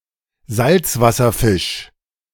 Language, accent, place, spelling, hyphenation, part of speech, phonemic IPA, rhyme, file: German, Germany, Berlin, Salzwasserfisch, Salz‧was‧ser‧fisch, noun, /ˈzaltsvasɐˌfɪʃ/, -ɪʃ, De-Salzwasserfisch.ogg
- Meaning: saltwater fish